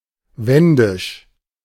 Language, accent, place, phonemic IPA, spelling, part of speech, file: German, Germany, Berlin, /ˈvɛndɪʃ/, wendisch, adjective, De-wendisch.ogg
- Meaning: Sorbian; Wendish (referring to the native West Slavic-speaking population in parts of Saxony and Brandenburg)